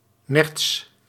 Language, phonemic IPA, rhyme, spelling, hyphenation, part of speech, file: Dutch, /nɛrts/, -ɛrts, nerts, nerts, noun, Nl-nerts.ogg
- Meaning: 1. European mink, Mustela lutreola 2. the pelt of a mink